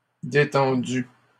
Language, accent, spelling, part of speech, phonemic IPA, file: French, Canada, détendus, adjective, /de.tɑ̃.dy/, LL-Q150 (fra)-détendus.wav
- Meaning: masculine plural of détendu